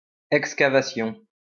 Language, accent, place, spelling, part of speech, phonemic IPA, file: French, France, Lyon, excavation, noun, /ɛk.ska.va.sjɔ̃/, LL-Q150 (fra)-excavation.wav
- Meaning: excavation